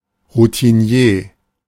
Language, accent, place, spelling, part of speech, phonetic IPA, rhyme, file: German, Germany, Berlin, Routinier, noun, [ʁutiˈni̯eː], -eː, De-Routinier.ogg
- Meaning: old hand